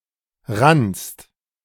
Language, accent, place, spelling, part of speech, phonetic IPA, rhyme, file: German, Germany, Berlin, rannst, verb, [ʁanst], -anst, De-rannst.ogg
- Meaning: second-person singular preterite of rinnen